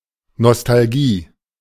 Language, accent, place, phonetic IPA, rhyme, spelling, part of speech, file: German, Germany, Berlin, [nɔstalˈɡiː], -iː, Nostalgie, noun, De-Nostalgie.ogg
- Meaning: 1. nostalgia (yearning for the past) 2. homesickness